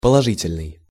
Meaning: positive, affirmative
- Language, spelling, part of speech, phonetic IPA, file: Russian, положительный, adjective, [pəɫɐˈʐɨtʲɪlʲnɨj], Ru-положительный.ogg